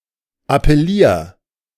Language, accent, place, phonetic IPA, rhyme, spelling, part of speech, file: German, Germany, Berlin, [apɛˈliːɐ̯], -iːɐ̯, appellier, verb, De-appellier.ogg
- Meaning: 1. singular imperative of appellieren 2. first-person singular present of appellieren